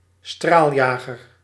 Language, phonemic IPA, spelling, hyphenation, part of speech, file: Dutch, /ˈstraːlˌjaː.ɣər/, straaljager, straal‧ja‧ger, noun, Nl-straaljager.ogg
- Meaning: a jet fighter, a fighter jet (combat aeroplane with a jet engine)